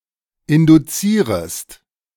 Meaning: second-person singular subjunctive I of induzieren
- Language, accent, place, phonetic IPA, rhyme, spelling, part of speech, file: German, Germany, Berlin, [ˌɪnduˈt͡siːʁəst], -iːʁəst, induzierest, verb, De-induzierest.ogg